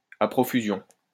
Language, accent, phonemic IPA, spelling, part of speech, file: French, France, /a pʁɔ.fy.zjɔ̃/, à profusion, adverb, LL-Q150 (fra)-à profusion.wav
- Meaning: in plenty, aplenty, galore, abundantly, in abundance